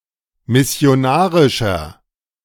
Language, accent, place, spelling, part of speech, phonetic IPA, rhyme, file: German, Germany, Berlin, missionarischer, adjective, [mɪsi̯oˈnaːʁɪʃɐ], -aːʁɪʃɐ, De-missionarischer.ogg
- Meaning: 1. comparative degree of missionarisch 2. inflection of missionarisch: strong/mixed nominative masculine singular 3. inflection of missionarisch: strong genitive/dative feminine singular